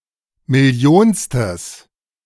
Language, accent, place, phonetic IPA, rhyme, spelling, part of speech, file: German, Germany, Berlin, [mɪˈli̯oːnstəs], -oːnstəs, millionstes, adjective, De-millionstes.ogg
- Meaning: strong/mixed nominative/accusative neuter singular of millionste